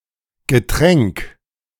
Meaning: drink, beverage (liquid for consumption)
- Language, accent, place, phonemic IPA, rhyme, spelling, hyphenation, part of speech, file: German, Germany, Berlin, /ɡəˈtʁɛŋk/, -ɛŋk, Getränk, Ge‧tränk, noun, De-Getränk.ogg